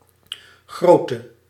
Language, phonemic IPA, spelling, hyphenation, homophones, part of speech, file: Dutch, /ˈɣroːtə/, grootte, groot‧te, grote, noun, Nl-grootte.ogg
- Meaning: size